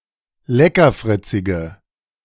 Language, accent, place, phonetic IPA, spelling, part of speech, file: German, Germany, Berlin, [ˈlɛkɐˌfʁɪt͡sɪɡə], leckerfritzige, adjective, De-leckerfritzige.ogg
- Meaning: inflection of leckerfritzig: 1. strong/mixed nominative/accusative feminine singular 2. strong nominative/accusative plural 3. weak nominative all-gender singular